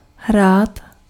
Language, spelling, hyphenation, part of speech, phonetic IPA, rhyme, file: Czech, hrát, hrát, verb, [ˈɦraːt], -aːt, Cs-hrát.ogg
- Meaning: 1. to play (a game) 2. to play (a role) 3. to play (a musical instrument) 4. to use a toy